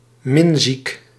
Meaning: in love
- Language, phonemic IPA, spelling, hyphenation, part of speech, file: Dutch, /ˈmɪn.zik/, minziek, min‧ziek, adjective, Nl-minziek.ogg